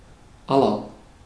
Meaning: inflection of all: 1. strong/mixed nominative masculine singular 2. strong genitive/dative feminine singular 3. strong genitive plural
- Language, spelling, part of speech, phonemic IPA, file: German, aller, adjective, /ˈalɐ/, De-aller.ogg